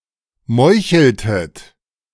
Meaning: inflection of meucheln: 1. second-person plural preterite 2. second-person plural subjunctive II
- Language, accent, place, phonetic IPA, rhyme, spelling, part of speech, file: German, Germany, Berlin, [ˈmɔɪ̯çl̩tət], -ɔɪ̯çl̩tət, meucheltet, verb, De-meucheltet.ogg